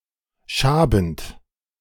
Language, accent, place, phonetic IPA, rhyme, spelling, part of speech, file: German, Germany, Berlin, [ˈʃaːbn̩t], -aːbn̩t, schabend, verb, De-schabend.ogg
- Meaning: present participle of schaben